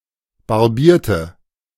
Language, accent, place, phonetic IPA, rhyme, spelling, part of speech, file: German, Germany, Berlin, [baʁˈbiːɐ̯tə], -iːɐ̯tə, barbierte, adjective / verb, De-barbierte.ogg
- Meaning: inflection of barbieren: 1. first/third-person singular preterite 2. first/third-person singular subjunctive II